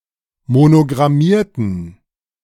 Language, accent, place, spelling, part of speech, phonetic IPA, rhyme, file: German, Germany, Berlin, monogrammierten, adjective / verb, [monoɡʁaˈmiːɐ̯tn̩], -iːɐ̯tn̩, De-monogrammierten.ogg
- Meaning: inflection of monogrammieren: 1. first/third-person plural preterite 2. first/third-person plural subjunctive II